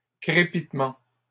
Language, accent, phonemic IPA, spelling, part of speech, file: French, Canada, /kʁe.pit.mɑ̃/, crépitements, noun, LL-Q150 (fra)-crépitements.wav
- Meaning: plural of crépitement